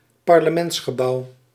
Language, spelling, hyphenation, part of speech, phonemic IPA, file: Dutch, parlementsgebouw, par‧le‧ments‧ge‧bouw, noun, /pɑr.ləˈmɛnts.xəˌbɑu̯/, Nl-parlementsgebouw.ogg
- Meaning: parliamentary building